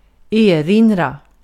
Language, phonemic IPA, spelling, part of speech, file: Swedish, /ˈeːˌrɪnra/, erinra, verb, Sv-erinra.ogg
- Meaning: 1. to remind, to point out, to reiterate (again draw someone's attention to) 2. to remind one (of), to be reminiscent (of), to recall 3. to make a (formal) objection, to object